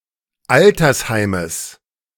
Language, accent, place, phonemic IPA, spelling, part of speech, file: German, Germany, Berlin, /ˈʔaltɐsˌhaɪ̯məs/, Altersheimes, noun, De-Altersheimes.ogg
- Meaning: genitive singular of Altersheim